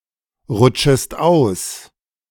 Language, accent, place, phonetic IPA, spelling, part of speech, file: German, Germany, Berlin, [ˌʁʊt͡ʃəst ˈaʊ̯s], rutschest aus, verb, De-rutschest aus.ogg
- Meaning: second-person singular subjunctive I of ausrutschen